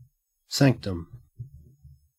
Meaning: A place set apart, as with a sanctum sanctorum; a sacred or private place; a private retreat or workroom
- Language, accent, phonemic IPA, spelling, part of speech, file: English, Australia, /ˈsæŋktəm/, sanctum, noun, En-au-sanctum.ogg